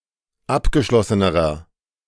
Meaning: inflection of abgeschlossen: 1. strong/mixed nominative masculine singular comparative degree 2. strong genitive/dative feminine singular comparative degree
- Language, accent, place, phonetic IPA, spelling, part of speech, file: German, Germany, Berlin, [ˈapɡəˌʃlɔsənəʁɐ], abgeschlossenerer, adjective, De-abgeschlossenerer.ogg